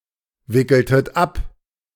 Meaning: inflection of abwickeln: 1. second-person plural preterite 2. second-person plural subjunctive II
- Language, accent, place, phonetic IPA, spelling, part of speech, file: German, Germany, Berlin, [ˌvɪkl̩tət ˈap], wickeltet ab, verb, De-wickeltet ab.ogg